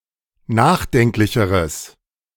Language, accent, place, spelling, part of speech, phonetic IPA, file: German, Germany, Berlin, nachdenklicheres, adjective, [ˈnaːxˌdɛŋklɪçəʁəs], De-nachdenklicheres.ogg
- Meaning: strong/mixed nominative/accusative neuter singular comparative degree of nachdenklich